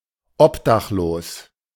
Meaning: homeless
- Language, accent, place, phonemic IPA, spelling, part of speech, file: German, Germany, Berlin, /ˈɔpdaxˌloːs/, obdachlos, adjective, De-obdachlos.ogg